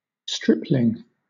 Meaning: 1. A young man in the state of adolescence, or just passing from boyhood to manhood; a lad. . 2. A seedling with most of the leaves stripped off
- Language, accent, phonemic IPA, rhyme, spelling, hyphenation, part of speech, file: English, Southern England, /ˈstɹɪplɪŋ/, -ɪplɪŋ, stripling, strip‧ling, noun, LL-Q1860 (eng)-stripling.wav